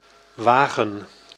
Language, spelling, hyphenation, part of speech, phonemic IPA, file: Dutch, wagen, wa‧gen, noun / verb, /ˈʋaːɣə(n)/, Nl-wagen.ogg
- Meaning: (noun) 1. a wagon, carriage 2. a cart 3. an automobile, car, van 4. a sled, moving platform on wheels or rails a heavy machine etc. is mounted on 5. a load filling one of the above vehicles